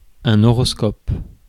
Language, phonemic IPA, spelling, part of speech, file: French, /ɔ.ʁɔs.kɔp/, horoscope, noun, Fr-horoscope.ogg
- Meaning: horoscope (all senses)